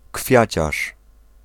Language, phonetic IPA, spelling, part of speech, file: Polish, [ˈkfʲjät͡ɕaʃ], kwiaciarz, noun, Pl-kwiaciarz.ogg